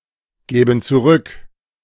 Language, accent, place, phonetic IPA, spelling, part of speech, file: German, Germany, Berlin, [ˌɡɛːbn̩ t͡suˈʁʏk], gäben zurück, verb, De-gäben zurück.ogg
- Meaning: first/third-person plural subjunctive II of zurückgeben